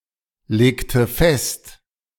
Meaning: inflection of festlegen: 1. first/third-person singular preterite 2. first/third-person singular subjunctive II
- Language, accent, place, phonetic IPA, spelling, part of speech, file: German, Germany, Berlin, [ˌleːktə ˈfɛst], legte fest, verb, De-legte fest.ogg